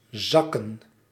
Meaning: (verb) 1. to fall, to drop, to sink 2. to come down, to go down 3. to fail, to flunk 4. to calm down; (noun) plural of zak
- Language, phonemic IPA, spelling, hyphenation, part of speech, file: Dutch, /ˈzɑkə(n)/, zakken, zak‧ken, verb / noun, Nl-zakken.ogg